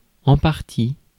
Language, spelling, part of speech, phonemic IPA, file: French, en partie, adverb, /ɑ̃ paʁ.ti/, Fr-en partie.ogg
- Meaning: in part, partly